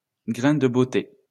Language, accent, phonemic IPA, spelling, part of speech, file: French, France, /ɡʁɛ̃ d(ə) bo.te/, grain de beauté, noun, LL-Q150 (fra)-grain de beauté.wav
- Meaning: mole; beauty spot